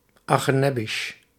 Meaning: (interjection) Oy vey!; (adjective) unfortunate; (noun) 1. someone or something that causes pity 2. something no longer worth seeing
- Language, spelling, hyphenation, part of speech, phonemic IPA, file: Dutch, achenebbisj, ache‧neb‧bisj, interjection / adjective / noun, /ˌɑ.xəˈnɛ.bəʃ/, Nl-achenebbisj.ogg